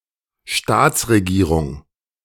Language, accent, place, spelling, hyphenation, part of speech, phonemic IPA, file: German, Germany, Berlin, Staatsregierung, Staats‧re‧gie‧rung, noun, /ˈʃtaːt͡sʁeˌɡiːʁʊŋ/, De-Staatsregierung.ogg
- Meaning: state government